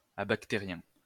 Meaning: abacterial
- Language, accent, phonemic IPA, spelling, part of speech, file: French, France, /a.bak.te.ʁjɛ̃/, abactérien, adjective, LL-Q150 (fra)-abactérien.wav